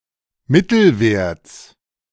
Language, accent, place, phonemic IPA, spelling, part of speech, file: German, Germany, Berlin, /ˈmɪtl̩vɛʁts/, Mittelwerts, noun, De-Mittelwerts.ogg
- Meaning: genitive of Mittelwert